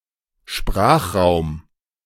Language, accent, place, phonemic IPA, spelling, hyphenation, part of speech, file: German, Germany, Berlin, /ˈʃpʁaːxˌʁaʊ̯m/, Sprachraum, Sprach‧raum, noun, De-Sprachraum.ogg
- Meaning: Sprachraum, language area, language zone; geographical region in which a language is spoken